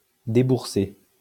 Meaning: past participle of débourser
- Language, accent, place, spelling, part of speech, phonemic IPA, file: French, France, Lyon, déboursé, verb, /de.buʁ.se/, LL-Q150 (fra)-déboursé.wav